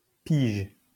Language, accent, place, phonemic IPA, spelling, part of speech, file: French, France, Lyon, /piʒ/, pige, verb / noun, LL-Q150 (fra)-pige.wav
- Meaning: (verb) inflection of piger: 1. first/third-person singular present indicative/subjunctive 2. second-person singular imperative; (noun) 1. measure 2. year (of age) 3. year (period of time in general)